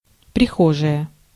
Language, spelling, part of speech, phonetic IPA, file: Russian, прихожая, noun, [prʲɪˈxoʐəjə], Ru-прихожая.ogg
- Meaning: vestibule, hall, antechamber